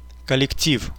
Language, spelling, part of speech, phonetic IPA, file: Russian, коллектив, noun, [kəlʲɪkˈtʲif], Ru-коллектив.ogg
- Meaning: collective, group